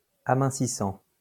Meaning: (verb) present participle of amincir; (adjective) slimming; slimline
- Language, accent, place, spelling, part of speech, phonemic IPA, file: French, France, Lyon, amincissant, verb / adjective, /a.mɛ̃.si.sɑ̃/, LL-Q150 (fra)-amincissant.wav